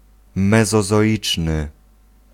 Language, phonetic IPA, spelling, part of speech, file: Polish, [ˌmɛzɔzɔˈʲit͡ʃnɨ], mezozoiczny, adjective, Pl-mezozoiczny.ogg